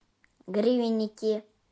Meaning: nominative/accusative plural of гри́венник (grívennik)
- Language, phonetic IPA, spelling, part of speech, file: Russian, [ˈɡrʲivʲɪnʲ(ː)ɪkʲɪ], гривенники, noun, Ru-гривенники.ogg